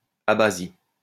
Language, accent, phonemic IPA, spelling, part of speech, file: French, France, /a.ba.zi/, abasie, noun, LL-Q150 (fra)-abasie.wav
- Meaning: abasia